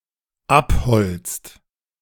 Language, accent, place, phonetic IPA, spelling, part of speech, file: German, Germany, Berlin, [ˈapˌhɔlt͡st], abholzt, verb, De-abholzt.ogg
- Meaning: inflection of abholzen: 1. second/third-person singular dependent present 2. second-person plural dependent present